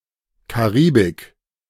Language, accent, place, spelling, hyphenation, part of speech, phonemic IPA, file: German, Germany, Berlin, Karibik, Ka‧ri‧bik, proper noun, /kaˈʁiːbɪk/, De-Karibik.ogg
- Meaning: Caribbean (a continental region centered on the Caribbean Sea, consisting of those countries located in the sea and in bordering areas of South America and Central America)